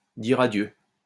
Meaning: 1. to farewell, to bid farewell, to take one's leave, to say goodbye 2. to kiss goodbye
- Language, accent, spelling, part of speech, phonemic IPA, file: French, France, dire adieu, verb, /diʁ a.djø/, LL-Q150 (fra)-dire adieu.wav